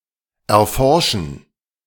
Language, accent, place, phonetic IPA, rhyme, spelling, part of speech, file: German, Germany, Berlin, [ɛɐ̯ˈfɔʁʃn̩], -ɔʁʃn̩, erforschen, verb, De-erforschen.ogg
- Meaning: to explore, to investigate